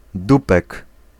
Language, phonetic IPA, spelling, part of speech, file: Polish, [ˈdupɛk], dupek, noun, Pl-dupek.ogg